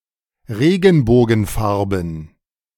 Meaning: prismatic colors
- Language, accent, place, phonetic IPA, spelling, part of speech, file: German, Germany, Berlin, [ˈʁeːɡn̩boːɡn̩ˌfaʁbn̩], Regenbogenfarben, noun, De-Regenbogenfarben.ogg